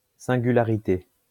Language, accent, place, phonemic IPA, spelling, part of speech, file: French, France, Lyon, /sɛ̃.ɡy.la.ʁi.te/, singularité, noun, LL-Q150 (fra)-singularité.wav
- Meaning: 1. singularity; peculiarity, oddity 2. individuality; uniqueness 3. eccentricity 4. singularity